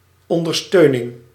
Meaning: support
- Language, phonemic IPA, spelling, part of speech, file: Dutch, /ˌɔndərˈstønɪŋ/, ondersteuning, noun, Nl-ondersteuning.ogg